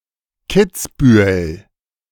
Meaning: a municipality of Tyrol, Austria
- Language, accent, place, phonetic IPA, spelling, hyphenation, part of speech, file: German, Germany, Berlin, [ˈkɪt͡sˌbyːəl], Kitzbühel, Kitz‧bü‧hel, proper noun, De-Kitzbühel.ogg